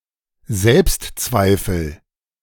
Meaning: self-doubt
- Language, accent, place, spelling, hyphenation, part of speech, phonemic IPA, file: German, Germany, Berlin, Selbstzweifel, Selbst‧zwei‧fel, noun, /ˈzɛlpstˌt͡svaɪ̯fl̩/, De-Selbstzweifel.ogg